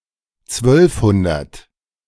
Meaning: twelve hundred
- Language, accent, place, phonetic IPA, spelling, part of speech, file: German, Germany, Berlin, [ˈt͡svœlfˌhʊndɐt], zwölfhundert, numeral, De-zwölfhundert.ogg